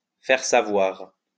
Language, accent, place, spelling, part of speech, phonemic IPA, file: French, France, Lyon, faire savoir, verb, /fɛʁ sa.vwaʁ/, LL-Q150 (fra)-faire savoir.wav
- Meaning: to inform, to let know